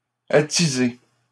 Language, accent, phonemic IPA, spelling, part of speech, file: French, Canada, /a.ti.ze/, attisée, verb, LL-Q150 (fra)-attisée.wav
- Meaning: feminine singular of attisé